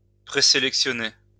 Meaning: 1. to preselect, shortlist 2. to preset
- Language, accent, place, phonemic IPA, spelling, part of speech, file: French, France, Lyon, /pʁe.se.lɛk.sjɔ.ne/, présélectionner, verb, LL-Q150 (fra)-présélectionner.wav